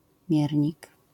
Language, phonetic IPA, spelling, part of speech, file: Polish, [ˈmʲjɛrʲɲik], miernik, noun, LL-Q809 (pol)-miernik.wav